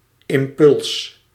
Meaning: 1. impulse 2. momentum (product of mass and velocity) 3. nerve impulse
- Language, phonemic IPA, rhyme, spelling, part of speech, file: Dutch, /ɪmˈpʏls/, -ʏls, impuls, noun, Nl-impuls.ogg